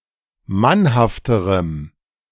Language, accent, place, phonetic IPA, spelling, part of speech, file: German, Germany, Berlin, [ˈmanhaftəʁəm], mannhafterem, adjective, De-mannhafterem.ogg
- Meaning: strong dative masculine/neuter singular comparative degree of mannhaft